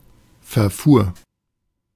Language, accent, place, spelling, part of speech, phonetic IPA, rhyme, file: German, Germany, Berlin, verfuhr, verb, [fɛɐ̯ˈfuːɐ̯], -uːɐ̯, De-verfuhr.ogg
- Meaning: first/third-person singular preterite of verfahren